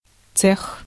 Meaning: 1. shop, section (of a factory) 2. guild (artisans’ group)
- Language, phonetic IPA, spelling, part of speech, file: Russian, [t͡sɛx], цех, noun, Ru-цех.ogg